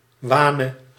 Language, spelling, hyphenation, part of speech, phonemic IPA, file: Dutch, wane, wa‧ne, noun / verb, /ˈʋaː.nə/, Nl-wane.ogg
- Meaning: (noun) Sextonia rubra (a species of South American tree that produces hardwood); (verb) singular present subjunctive of wanen